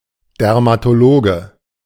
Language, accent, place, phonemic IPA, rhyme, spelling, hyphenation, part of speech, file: German, Germany, Berlin, /dɛʁmatoˈloːɡə/, -oːɡə, Dermatologe, Der‧ma‧to‧lo‧ge, noun, De-Dermatologe.ogg
- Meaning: dermatologist (male or of unspecified gender)